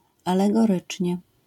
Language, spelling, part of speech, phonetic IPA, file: Polish, alegorycznie, adverb, [ˌalɛɡɔˈrɨt͡ʃʲɲɛ], LL-Q809 (pol)-alegorycznie.wav